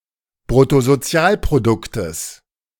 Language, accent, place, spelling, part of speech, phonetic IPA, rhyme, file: German, Germany, Berlin, Bruttosozialproduktes, noun, [bʁʊtozoˈt͡si̯aːlpʁodʊktəs], -aːlpʁodʊktəs, De-Bruttosozialproduktes.ogg
- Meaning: genitive singular of Bruttosozialprodukt